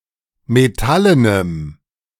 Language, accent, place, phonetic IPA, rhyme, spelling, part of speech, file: German, Germany, Berlin, [meˈtalənəm], -alənəm, metallenem, adjective, De-metallenem.ogg
- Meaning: strong dative masculine/neuter singular of metallen